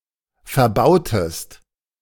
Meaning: inflection of verbauen: 1. second-person singular preterite 2. second-person singular subjunctive II
- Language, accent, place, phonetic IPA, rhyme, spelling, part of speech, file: German, Germany, Berlin, [fɛɐ̯ˈbaʊ̯təst], -aʊ̯təst, verbautest, verb, De-verbautest.ogg